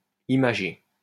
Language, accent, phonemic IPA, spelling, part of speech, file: French, France, /i.ma.ʒe/, imagé, verb / adjective, LL-Q150 (fra)-imagé.wav
- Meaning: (verb) past participle of imager; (adjective) 1. figurative (of sense of term or discourse) 2. graphic (full of imagery), graphical